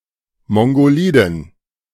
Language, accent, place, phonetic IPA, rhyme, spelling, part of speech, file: German, Germany, Berlin, [ˌmɔŋɡoˈliːdn̩], -iːdn̩, mongoliden, adjective, De-mongoliden.ogg
- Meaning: inflection of mongolid: 1. strong genitive masculine/neuter singular 2. weak/mixed genitive/dative all-gender singular 3. strong/weak/mixed accusative masculine singular 4. strong dative plural